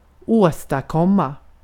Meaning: to achieve, to accomplish
- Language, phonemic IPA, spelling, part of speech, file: Swedish, /²oːstaˌkɔma/, åstadkomma, verb, Sv-åstadkomma.ogg